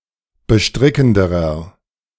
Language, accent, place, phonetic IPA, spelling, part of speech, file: German, Germany, Berlin, [bəˈʃtʁɪkn̩dəʁɐ], bestrickenderer, adjective, De-bestrickenderer.ogg
- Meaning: inflection of bestrickend: 1. strong/mixed nominative masculine singular comparative degree 2. strong genitive/dative feminine singular comparative degree 3. strong genitive plural comparative degree